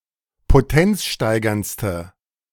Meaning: inflection of potenzsteigernd: 1. strong/mixed nominative/accusative feminine singular superlative degree 2. strong nominative/accusative plural superlative degree
- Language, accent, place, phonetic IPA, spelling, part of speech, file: German, Germany, Berlin, [poˈtɛnt͡sˌʃtaɪ̯ɡɐnt͡stə], potenzsteigerndste, adjective, De-potenzsteigerndste.ogg